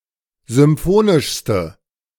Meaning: inflection of symphonisch: 1. strong/mixed nominative/accusative feminine singular superlative degree 2. strong nominative/accusative plural superlative degree
- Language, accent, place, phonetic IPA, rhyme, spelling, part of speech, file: German, Germany, Berlin, [zʏmˈfoːnɪʃstə], -oːnɪʃstə, symphonischste, adjective, De-symphonischste.ogg